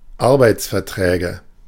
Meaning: nominative/accusative/genitive plural of Arbeitsvertrag
- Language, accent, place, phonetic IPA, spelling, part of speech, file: German, Germany, Berlin, [ˈaʁbaɪ̯t͡sfɛɐ̯ˌtʁɛːɡə], Arbeitsverträge, noun, De-Arbeitsverträge.ogg